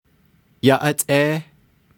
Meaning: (interjection) 1. greetings, hello 2. bye, see you later; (verb) 1. he/she/it is fine, suitable, good 2. he/she/it is pretty 3. he/she is well, good 4. must
- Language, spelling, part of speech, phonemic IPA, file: Navajo, yáʼátʼééh, interjection / verb, /jɑ́ʔɑ́tʼéːh/, Nv-yáʼátʼééh.ogg